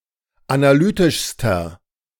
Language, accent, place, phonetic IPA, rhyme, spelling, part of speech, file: German, Germany, Berlin, [anaˈlyːtɪʃstɐ], -yːtɪʃstɐ, analytischster, adjective, De-analytischster.ogg
- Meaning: inflection of analytisch: 1. strong/mixed nominative masculine singular superlative degree 2. strong genitive/dative feminine singular superlative degree 3. strong genitive plural superlative degree